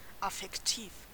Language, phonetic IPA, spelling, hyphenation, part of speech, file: German, [afɛkˈtiːf], affektiv, af‧fek‧tiv, adjective, De-affektiv.ogg
- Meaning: affective